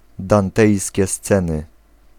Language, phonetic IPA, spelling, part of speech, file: Polish, [dãnˈtɛjsʲcɛ ˈst͡sɛ̃nɨ], dantejskie sceny, phrase, Pl-dantejskie sceny.ogg